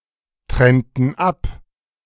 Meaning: inflection of abtrennen: 1. first/third-person plural preterite 2. first/third-person plural subjunctive II
- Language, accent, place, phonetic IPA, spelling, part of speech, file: German, Germany, Berlin, [ˌtʁɛntn̩ ˈap], trennten ab, verb, De-trennten ab.ogg